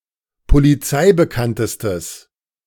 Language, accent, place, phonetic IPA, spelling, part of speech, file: German, Germany, Berlin, [poliˈt͡saɪ̯bəˌkantəstəs], polizeibekanntestes, adjective, De-polizeibekanntestes.ogg
- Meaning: strong/mixed nominative/accusative neuter singular superlative degree of polizeibekannt